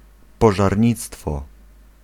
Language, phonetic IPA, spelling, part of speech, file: Polish, [ˌpɔʒarʲˈɲit͡stfɔ], pożarnictwo, noun, Pl-pożarnictwo.ogg